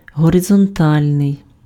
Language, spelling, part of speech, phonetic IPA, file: Ukrainian, горизонтальний, adjective, [ɦɔrezɔnˈtalʲnei̯], Uk-горизонтальний.ogg
- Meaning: horizontal